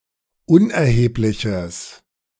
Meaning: strong/mixed nominative/accusative neuter singular of unerheblich
- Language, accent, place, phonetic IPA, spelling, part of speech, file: German, Germany, Berlin, [ˈʊnʔɛɐ̯heːplɪçəs], unerhebliches, adjective, De-unerhebliches.ogg